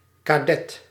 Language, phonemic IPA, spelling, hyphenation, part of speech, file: Dutch, /kaˈdɛt/, kadet, ka‧det, noun, Nl-kadet.ogg
- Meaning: 1. cadet 2. small round bun, usually used in the diminutive form